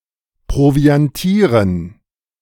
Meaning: to provision
- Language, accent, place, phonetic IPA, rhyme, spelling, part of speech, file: German, Germany, Berlin, [pʁovi̯anˈtiːʁən], -iːʁən, proviantieren, verb, De-proviantieren.ogg